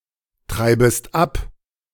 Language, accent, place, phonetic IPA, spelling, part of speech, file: German, Germany, Berlin, [ˌtʁaɪ̯bəst ˈap], treibest ab, verb, De-treibest ab.ogg
- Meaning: second-person singular subjunctive I of abtreiben